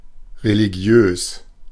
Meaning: 1. religious (concerning religion) 2. religious (committed to the practice of religion)
- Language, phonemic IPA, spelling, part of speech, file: German, /ʁeliˈɡjøːs/, religiös, adjective, De-religiös.oga